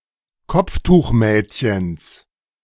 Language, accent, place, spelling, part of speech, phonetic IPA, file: German, Germany, Berlin, Kopftuchmädchens, noun, [ˈkɔp͡ftuːxˌmɛːtçəns], De-Kopftuchmädchens.ogg
- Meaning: genitive singular of Kopftuchmädchen